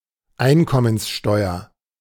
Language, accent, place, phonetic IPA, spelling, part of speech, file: German, Germany, Berlin, [ˈaɪ̯nkɔmənsˌʃtɔɪ̯ɐ], Einkommenssteuer, noun, De-Einkommenssteuer.ogg
- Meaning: income tax